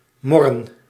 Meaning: to grumble
- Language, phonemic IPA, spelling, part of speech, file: Dutch, /ˈmɔ.rə(n)/, morren, verb, Nl-morren.ogg